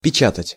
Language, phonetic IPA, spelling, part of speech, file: Russian, [pʲɪˈt͡ɕatətʲ], печатать, verb, Ru-печатать.ogg
- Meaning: 1. to print (to copy something on a surface, especially by machine) 2. to type (to use a typewriter or to enter text or commands into a computer using a keyboard)